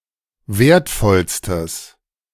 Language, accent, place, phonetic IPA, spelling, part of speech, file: German, Germany, Berlin, [ˈveːɐ̯tˌfɔlstəs], wertvollstes, adjective, De-wertvollstes.ogg
- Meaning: strong/mixed nominative/accusative neuter singular superlative degree of wertvoll